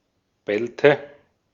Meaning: inflection of bellen: 1. first/third-person singular preterite 2. first/third-person singular subjunctive II
- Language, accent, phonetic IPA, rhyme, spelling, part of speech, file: German, Austria, [ˈbɛltə], -ɛltə, bellte, verb, De-at-bellte.ogg